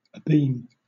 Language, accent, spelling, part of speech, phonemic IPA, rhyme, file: English, Southern England, abeam, adverb / adjective / preposition, /əˈbiːm/, -iːm, LL-Q1860 (eng)-abeam.wav
- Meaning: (adverb) On the beam; at a right angle to the centerline or keel of a vessel or aircraft; being at a bearing approximately 90° or 270° relative